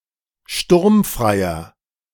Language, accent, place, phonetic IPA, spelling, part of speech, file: German, Germany, Berlin, [ˈʃtʊʁmfʁaɪ̯ɐ], sturmfreier, adjective, De-sturmfreier.ogg
- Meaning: inflection of sturmfrei: 1. strong/mixed nominative masculine singular 2. strong genitive/dative feminine singular 3. strong genitive plural